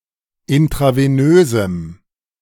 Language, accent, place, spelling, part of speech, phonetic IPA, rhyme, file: German, Germany, Berlin, intravenösem, adjective, [ɪntʁaveˈnøːzm̩], -øːzm̩, De-intravenösem.ogg
- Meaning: strong dative masculine/neuter singular of intravenös